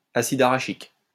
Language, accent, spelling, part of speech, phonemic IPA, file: French, France, acide arachique, noun, /a.sid a.ʁa.ʃik/, LL-Q150 (fra)-acide arachique.wav
- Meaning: arachidic acid